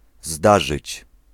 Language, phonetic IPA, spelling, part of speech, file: Polish, [ˈzdaʒɨt͡ɕ], zdarzyć, verb, Pl-zdarzyć.ogg